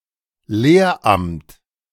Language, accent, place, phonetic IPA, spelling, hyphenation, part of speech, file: German, Germany, Berlin, [ˈleːɐ̯ˌʔamt], Lehramt, Lehr‧amt, noun, De-Lehramt.ogg
- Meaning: teaching post